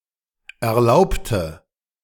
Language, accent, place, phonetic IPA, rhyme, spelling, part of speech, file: German, Germany, Berlin, [ɛɐ̯ˈlaʊ̯ptə], -aʊ̯ptə, erlaubte, adjective / verb, De-erlaubte.ogg
- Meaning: inflection of erlaubt: 1. strong/mixed nominative/accusative feminine singular 2. strong nominative/accusative plural 3. weak nominative all-gender singular 4. weak accusative feminine/neuter singular